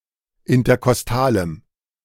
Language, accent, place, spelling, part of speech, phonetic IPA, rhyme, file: German, Germany, Berlin, interkostalem, adjective, [ɪntɐkɔsˈtaːləm], -aːləm, De-interkostalem.ogg
- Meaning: strong dative masculine/neuter singular of interkostal